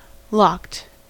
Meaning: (verb) simple past and past participle of lock; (adjective) 1. Having undergone locking; secured by a lock 2. Protected by a mutex or other token restricting access to a resource 3. Very drunk
- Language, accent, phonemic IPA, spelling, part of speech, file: English, US, /lɑkt/, locked, verb / adjective, En-us-locked.ogg